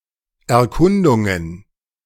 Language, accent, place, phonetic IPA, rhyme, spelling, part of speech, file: German, Germany, Berlin, [ɛɐ̯ˈkʊndʊŋən], -ʊndʊŋən, Erkundungen, noun, De-Erkundungen.ogg
- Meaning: plural of Erkundung